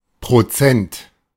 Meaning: percent
- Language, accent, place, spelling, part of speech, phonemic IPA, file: German, Germany, Berlin, Prozent, noun, /pʁoˈt͡sɛnt/, De-Prozent.ogg